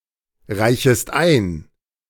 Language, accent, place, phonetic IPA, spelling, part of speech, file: German, Germany, Berlin, [ˌʁaɪ̯çəst ˈaɪ̯n], reichest ein, verb, De-reichest ein.ogg
- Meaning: second-person singular subjunctive I of einreichen